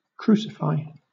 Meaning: 1. To execute (a person) by nailing to a cross 2. To punish or otherwise express extreme anger at, especially as a scapegoat or target of outrage 3. To thoroughly beat at a sport or game
- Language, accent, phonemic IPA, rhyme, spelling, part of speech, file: English, Southern England, /ˈkɹuːsɪfaɪ/, -aɪ, crucify, verb, LL-Q1860 (eng)-crucify.wav